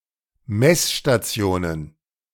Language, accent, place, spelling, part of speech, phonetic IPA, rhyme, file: German, Germany, Berlin, Messstationen, noun, [ˈmɛsʃtaˈt͡si̯oːnən], -oːnən, De-Messstationen.ogg
- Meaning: plural of Messstation